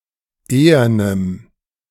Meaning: strong dative masculine/neuter singular of ehern
- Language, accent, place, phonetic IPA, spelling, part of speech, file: German, Germany, Berlin, [ˈeːɐnəm], ehernem, adjective, De-ehernem.ogg